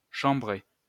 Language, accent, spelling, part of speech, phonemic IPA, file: French, France, chambrée, noun / adjective / verb, /ʃɑ̃.bʁe/, LL-Q150 (fra)-chambrée.wav
- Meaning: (noun) 1. group of people sleeping in the same room 2. barracks (for soldiers) 3. dormitory; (adjective) feminine singular of chambré